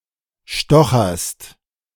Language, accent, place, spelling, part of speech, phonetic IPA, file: German, Germany, Berlin, stocherst, verb, [ˈʃtɔxɐst], De-stocherst.ogg
- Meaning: second-person singular present of stochern